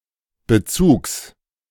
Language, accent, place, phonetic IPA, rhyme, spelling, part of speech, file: German, Germany, Berlin, [bəˈt͡suːks], -uːks, Bezugs, noun, De-Bezugs.ogg
- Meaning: genitive singular of Bezug